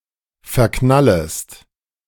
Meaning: second-person singular subjunctive I of verknallen
- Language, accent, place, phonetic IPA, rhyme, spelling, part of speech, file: German, Germany, Berlin, [fɛɐ̯ˈknaləst], -aləst, verknallest, verb, De-verknallest.ogg